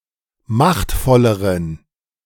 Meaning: inflection of machtvoll: 1. strong genitive masculine/neuter singular comparative degree 2. weak/mixed genitive/dative all-gender singular comparative degree
- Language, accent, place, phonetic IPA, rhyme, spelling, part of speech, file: German, Germany, Berlin, [ˈmaxtfɔləʁən], -axtfɔləʁən, machtvolleren, adjective, De-machtvolleren.ogg